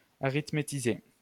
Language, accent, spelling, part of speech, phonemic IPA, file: French, France, arithmétiser, verb, /a.ʁit.me.ti.ze/, LL-Q150 (fra)-arithmétiser.wav
- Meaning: to arithmetize